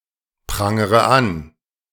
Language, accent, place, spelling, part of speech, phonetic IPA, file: German, Germany, Berlin, prangere an, verb, [ˌpʁaŋəʁə ˈan], De-prangere an.ogg
- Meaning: inflection of anprangern: 1. first-person singular present 2. first/third-person singular subjunctive I 3. singular imperative